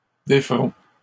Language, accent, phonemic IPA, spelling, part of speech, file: French, Canada, /de.fʁɔ̃/, déferont, verb, LL-Q150 (fra)-déferont.wav
- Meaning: third-person plural future of défaire